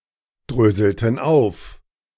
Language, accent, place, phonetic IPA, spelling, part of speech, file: German, Germany, Berlin, [ˌdʁøːzl̩tn̩ ˈaʊ̯f], dröselten auf, verb, De-dröselten auf.ogg
- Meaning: inflection of aufdröseln: 1. first/third-person plural preterite 2. first/third-person plural subjunctive II